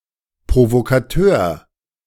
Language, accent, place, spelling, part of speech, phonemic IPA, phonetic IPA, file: German, Germany, Berlin, Provokateur, noun, /pʁovokaˈtøːʁ/, [pʁovokʰaˈtʰøːɐ̯], De-Provokateur.ogg
- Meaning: provocateur, agitator